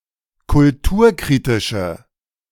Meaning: inflection of kulturkritisch: 1. strong/mixed nominative/accusative feminine singular 2. strong nominative/accusative plural 3. weak nominative all-gender singular
- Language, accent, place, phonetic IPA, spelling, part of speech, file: German, Germany, Berlin, [kʊlˈtuːɐ̯ˌkʁiːtɪʃə], kulturkritische, adjective, De-kulturkritische.ogg